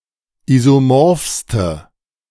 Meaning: inflection of isomorph: 1. strong/mixed nominative/accusative feminine singular superlative degree 2. strong nominative/accusative plural superlative degree
- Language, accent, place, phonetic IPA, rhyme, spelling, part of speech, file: German, Germany, Berlin, [ˌizoˈmɔʁfstə], -ɔʁfstə, isomorphste, adjective, De-isomorphste.ogg